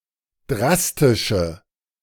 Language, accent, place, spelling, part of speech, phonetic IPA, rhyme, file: German, Germany, Berlin, drastische, adjective, [ˈdʁastɪʃə], -astɪʃə, De-drastische.ogg
- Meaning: inflection of drastisch: 1. strong/mixed nominative/accusative feminine singular 2. strong nominative/accusative plural 3. weak nominative all-gender singular